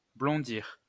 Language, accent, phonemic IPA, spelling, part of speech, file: French, France, /blɔ̃.diʁ/, blondir, verb, LL-Q150 (fra)-blondir.wav
- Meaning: 1. to dye blond 2. to brown (cook slightly to give some color)